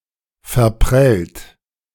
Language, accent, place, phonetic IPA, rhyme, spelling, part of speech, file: German, Germany, Berlin, [fɛɐ̯ˈpʁɛlt], -ɛlt, verprellt, verb, De-verprellt.ogg
- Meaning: past participle of verprellen